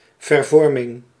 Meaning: 1. transformation 2. deformation
- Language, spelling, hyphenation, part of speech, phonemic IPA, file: Dutch, vervorming, ver‧vor‧ming, noun, /vərˈvɔrmɪŋ/, Nl-vervorming.ogg